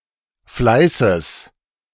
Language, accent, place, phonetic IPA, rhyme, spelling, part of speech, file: German, Germany, Berlin, [ˈflaɪ̯səs], -aɪ̯səs, Fleißes, noun, De-Fleißes.ogg
- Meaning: genitive singular of Fleiß